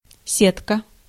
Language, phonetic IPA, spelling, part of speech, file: Russian, [ˈsʲetkə], сетка, noun, Ru-сетка.ogg
- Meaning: 1. net, netting 2. mesh, gauze 3. net 4. string bag, shopping net 5. luggage rack (in a train) 6. grid, graticule 7. scale 8. reticulum, bonnet, the second compartment of the stomach of a ruminant